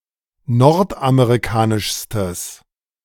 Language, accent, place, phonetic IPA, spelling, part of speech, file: German, Germany, Berlin, [ˈnɔʁtʔameʁiˌkaːnɪʃstəs], nordamerikanischstes, adjective, De-nordamerikanischstes.ogg
- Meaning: strong/mixed nominative/accusative neuter singular superlative degree of nordamerikanisch